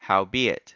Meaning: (conjunction) Although; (adverb) Be that as it may; nevertheless
- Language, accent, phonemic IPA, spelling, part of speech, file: English, US, /haʊˈbiː.ɪt/, howbeit, conjunction / adverb, En-us-howbeit.ogg